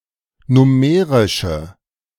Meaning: inflection of nummerisch: 1. strong/mixed nominative/accusative feminine singular 2. strong nominative/accusative plural 3. weak nominative all-gender singular
- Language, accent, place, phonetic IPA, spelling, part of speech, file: German, Germany, Berlin, [ˈnʊməʁɪʃə], nummerische, adjective, De-nummerische.ogg